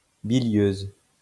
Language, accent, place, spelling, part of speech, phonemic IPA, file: French, France, Lyon, bilieuse, adjective, /bi.ljøz/, LL-Q150 (fra)-bilieuse.wav
- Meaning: feminine singular of bilieux